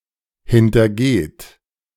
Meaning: inflection of hintergehen: 1. third-person singular present 2. second-person plural present 3. plural imperative
- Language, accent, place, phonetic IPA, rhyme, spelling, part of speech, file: German, Germany, Berlin, [hɪntɐˈɡeːt], -eːt, hintergeht, verb, De-hintergeht.ogg